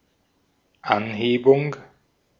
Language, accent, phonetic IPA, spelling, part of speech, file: German, Austria, [ˈanˌheːbʊŋ], Anhebung, noun, De-at-Anhebung.ogg
- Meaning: 1. elevation, raising, uplift 2. increase, accentuation